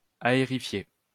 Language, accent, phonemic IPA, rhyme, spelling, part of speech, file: French, France, /a.e.ʁi.fje/, -e, aérifier, verb, LL-Q150 (fra)-aérifier.wav
- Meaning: to aerify